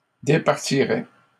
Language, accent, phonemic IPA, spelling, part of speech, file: French, Canada, /de.paʁ.ti.ʁɛ/, départirait, verb, LL-Q150 (fra)-départirait.wav
- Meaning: third-person singular conditional of départir